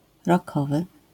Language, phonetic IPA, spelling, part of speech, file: Polish, [rɔˈkɔvɨ], rockowy, adjective, LL-Q809 (pol)-rockowy.wav